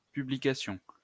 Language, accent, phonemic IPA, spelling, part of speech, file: French, France, /py.bli.ka.sjɔ̃/, publication, noun, LL-Q150 (fra)-publication.wav
- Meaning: 1. publication 2. publicizing